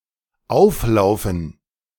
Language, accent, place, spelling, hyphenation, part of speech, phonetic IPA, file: German, Germany, Berlin, auflaufen, auf‧lau‧fen, verb, [ˈaʊ̯fˌlaʊ̯fn̩], De-auflaufen.ogg
- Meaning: 1. to collide with 2. to run aground